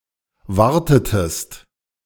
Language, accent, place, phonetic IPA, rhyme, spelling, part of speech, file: German, Germany, Berlin, [ˈvaʁtətəst], -aʁtətəst, wartetest, verb, De-wartetest.ogg
- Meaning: inflection of warten: 1. second-person singular preterite 2. second-person singular subjunctive II